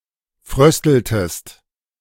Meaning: inflection of frösteln: 1. second-person singular preterite 2. second-person singular subjunctive II
- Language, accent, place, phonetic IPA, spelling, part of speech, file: German, Germany, Berlin, [ˈfʁœstl̩təst], frösteltest, verb, De-frösteltest.ogg